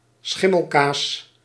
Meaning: any fungal cheese, such as blue cheese
- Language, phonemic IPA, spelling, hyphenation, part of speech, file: Dutch, /ˈsxɪ.məlˌkaːs/, schimmelkaas, schim‧mel‧kaas, noun, Nl-schimmelkaas.ogg